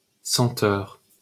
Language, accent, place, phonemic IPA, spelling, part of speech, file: French, France, Paris, /sɑ̃.tœʁ/, senteur, noun, LL-Q150 (fra)-senteur.wav
- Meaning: scent, perfume